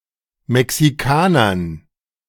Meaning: dative plural of Mexikaner
- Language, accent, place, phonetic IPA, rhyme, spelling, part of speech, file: German, Germany, Berlin, [mɛksiˈkaːnɐn], -aːnɐn, Mexikanern, noun, De-Mexikanern.ogg